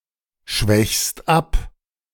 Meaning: second-person singular present of abschwächen
- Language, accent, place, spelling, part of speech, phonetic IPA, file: German, Germany, Berlin, schwächst ab, verb, [ˌʃvɛçst ˈap], De-schwächst ab.ogg